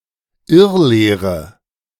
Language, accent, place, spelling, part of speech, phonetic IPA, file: German, Germany, Berlin, Irrlehre, noun, [ˈɪʁˌleːʁə], De-Irrlehre.ogg
- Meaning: heresy